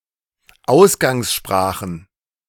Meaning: plural of Ausgangssprache
- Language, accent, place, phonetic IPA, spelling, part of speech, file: German, Germany, Berlin, [ˈaʊ̯sɡaŋsˌʃpʁaːxn̩], Ausgangssprachen, noun, De-Ausgangssprachen.ogg